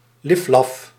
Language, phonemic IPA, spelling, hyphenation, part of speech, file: Dutch, /ˈlɪf.lɑf/, liflaf, lif‧laf, adjective / noun, Nl-liflaf.ogg
- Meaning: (adjective) insipid, tasteless; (noun) 1. insipid food 2. insipid text(s), bland writing